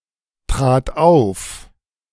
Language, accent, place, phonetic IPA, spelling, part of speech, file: German, Germany, Berlin, [ˌtʁaːt ˈaʊ̯f], trat auf, verb, De-trat auf.ogg
- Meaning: first/third-person singular preterite of auftreten